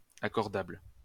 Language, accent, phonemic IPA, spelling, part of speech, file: French, France, /a.kɔʁ.dabl/, accordable, adjective, LL-Q150 (fra)-accordable.wav
- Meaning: accordable